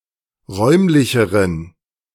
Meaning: inflection of räumlich: 1. strong genitive masculine/neuter singular comparative degree 2. weak/mixed genitive/dative all-gender singular comparative degree
- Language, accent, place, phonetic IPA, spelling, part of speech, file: German, Germany, Berlin, [ˈʁɔɪ̯mlɪçəʁən], räumlicheren, adjective, De-räumlicheren.ogg